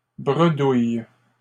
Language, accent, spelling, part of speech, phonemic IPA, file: French, Canada, bredouilles, verb, /bʁə.duj/, LL-Q150 (fra)-bredouilles.wav
- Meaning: second-person singular present indicative/subjunctive of bredouiller